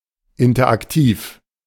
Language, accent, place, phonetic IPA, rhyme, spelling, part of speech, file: German, Germany, Berlin, [ˌɪntɐʔakˈtiːf], -iːf, interaktiv, adjective, De-interaktiv.ogg
- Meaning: interactive